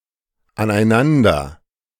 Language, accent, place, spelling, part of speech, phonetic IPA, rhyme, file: German, Germany, Berlin, aneinander, adverb, [anʔaɪ̯ˈnandɐ], -andɐ, De-aneinander.ogg
- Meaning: 1. together 2. against each other